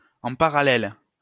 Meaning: in parallel
- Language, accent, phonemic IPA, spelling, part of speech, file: French, France, /ɑ̃ pa.ʁa.lɛl/, en parallèle, adverb, LL-Q150 (fra)-en parallèle.wav